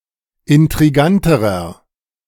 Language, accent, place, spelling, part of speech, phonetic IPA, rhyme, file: German, Germany, Berlin, intriganterer, adjective, [ɪntʁiˈɡantəʁɐ], -antəʁɐ, De-intriganterer.ogg
- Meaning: inflection of intrigant: 1. strong/mixed nominative masculine singular comparative degree 2. strong genitive/dative feminine singular comparative degree 3. strong genitive plural comparative degree